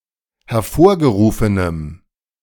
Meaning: strong dative masculine/neuter singular of hervorgerufen
- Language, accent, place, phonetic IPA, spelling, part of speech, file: German, Germany, Berlin, [hɛɐ̯ˈfoːɐ̯ɡəˌʁuːfənəm], hervorgerufenem, adjective, De-hervorgerufenem.ogg